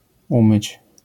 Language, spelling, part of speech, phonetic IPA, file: Polish, umyć, verb, [ˈũmɨt͡ɕ], LL-Q809 (pol)-umyć.wav